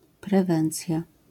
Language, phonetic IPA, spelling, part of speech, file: Polish, [prɛˈvɛ̃nt͡sʲja], prewencja, noun, LL-Q809 (pol)-prewencja.wav